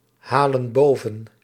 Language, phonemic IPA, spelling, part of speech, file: Dutch, /ˈhalə(n) ˈbovə(n)/, halen boven, verb, Nl-halen boven.ogg
- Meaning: inflection of bovenhalen: 1. plural present indicative 2. plural present subjunctive